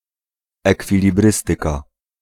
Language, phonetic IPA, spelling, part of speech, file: Polish, [ˌɛkfʲilʲiˈbrɨstɨka], ekwilibrystyka, noun, Pl-ekwilibrystyka.ogg